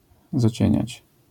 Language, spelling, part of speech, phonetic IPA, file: Polish, zacieniać, verb, [zaˈt͡ɕɛ̇̃ɲät͡ɕ], LL-Q809 (pol)-zacieniać.wav